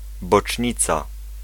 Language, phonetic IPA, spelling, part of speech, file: Polish, [bɔt͡ʃʲˈɲit͡sa], bocznica, noun, Pl-bocznica.ogg